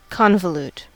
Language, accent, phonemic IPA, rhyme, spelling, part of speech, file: English, US, /ˌkɑːnvəˈluːt/, -uːt, convolute, verb / adjective, En-us-convolute.ogg
- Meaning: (verb) 1. To make unnecessarily complex 2. To fold or coil into numerous overlapping layers 3. To confuse, mix up (something) with something else; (adjective) Convoluted